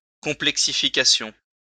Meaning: complexification
- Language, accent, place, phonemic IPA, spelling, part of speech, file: French, France, Lyon, /kɔ̃.plɛk.si.fi.ka.sjɔ̃/, complexification, noun, LL-Q150 (fra)-complexification.wav